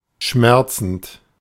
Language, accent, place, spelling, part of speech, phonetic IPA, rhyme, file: German, Germany, Berlin, schmerzend, verb, [ˈʃmɛʁt͡sn̩t], -ɛʁt͡sn̩t, De-schmerzend.ogg
- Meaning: present participle of schmerzen